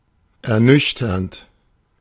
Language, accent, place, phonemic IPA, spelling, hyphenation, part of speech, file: German, Germany, Berlin, /ɛɐ̯ˈnʏçtɐnt/, ernüchternd, er‧nüch‧ternd, verb / adjective, De-ernüchternd.ogg
- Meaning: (verb) present participle of ernüchtern; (adjective) sobering, disillusioning, disappointing